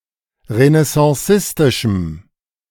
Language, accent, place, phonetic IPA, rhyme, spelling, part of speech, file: German, Germany, Berlin, [ʁənɛsɑ̃ˈsɪstɪʃm̩], -ɪstɪʃm̩, renaissancistischem, adjective, De-renaissancistischem.ogg
- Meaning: strong dative masculine/neuter singular of renaissancistisch